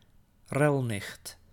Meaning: a camp, effeminate homosexual man
- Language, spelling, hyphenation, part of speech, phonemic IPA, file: Dutch, relnicht, rel‧nicht, noun, /ˈrɛl.nɪxt/, Nl-relnicht.ogg